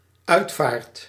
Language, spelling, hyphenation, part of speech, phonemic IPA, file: Dutch, uitvaart, uit‧vaart, noun / verb, /ˈœytfart/, Nl-uitvaart.ogg
- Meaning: internment, funeral